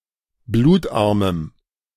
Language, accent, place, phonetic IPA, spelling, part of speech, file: German, Germany, Berlin, [ˈbluːtˌʔaʁməm], blutarmem, adjective, De-blutarmem.ogg
- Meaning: strong dative masculine/neuter singular of blutarm